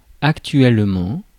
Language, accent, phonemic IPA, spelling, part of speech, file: French, France, /ak.tɥɛl.mɑ̃/, actuellement, adverb, Fr-actuellement.ogg
- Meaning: 1. currently 2. in actuality